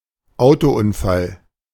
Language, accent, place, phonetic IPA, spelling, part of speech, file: German, Germany, Berlin, [ˈaʊ̯toˌʔʊnfal], Autounfall, noun, De-Autounfall.ogg
- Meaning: car accident, car crash